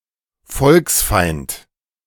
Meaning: enemy of the people
- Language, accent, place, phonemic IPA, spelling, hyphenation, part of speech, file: German, Germany, Berlin, /ˈfɔlksˌfaɪ̯nt/, Volksfeind, Volks‧feind, noun, De-Volksfeind.ogg